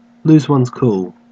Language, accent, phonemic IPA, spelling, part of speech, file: English, Australia, /ˈluːz wʌnz ˈkuːl/, lose one's cool, verb, En-au-lose one's cool.ogg
- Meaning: To become upset or disconcerted; to lose one's temper